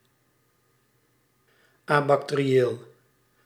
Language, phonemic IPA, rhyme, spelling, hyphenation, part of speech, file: Dutch, /ˌaː.bɑk.teː.riˈeːl/, -eːl, abacterieel, abac‧te‧ri‧eel, adjective, Nl-abacterieel.ogg
- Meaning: abacterial